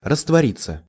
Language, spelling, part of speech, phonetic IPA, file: Russian, раствориться, verb, [rəstvɐˈrʲit͡sːə], Ru-раствориться.ogg
- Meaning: 1. to open (of doors, flaps, etc.) 2. passive of раствори́ть (rastvorítʹ) 3. to dissolve